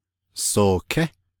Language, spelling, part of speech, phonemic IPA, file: Navajo, sooké, verb, /sòːkʰɛ́/, Nv-sooké.ogg
- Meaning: second-person dual si-perfective neuter of sidá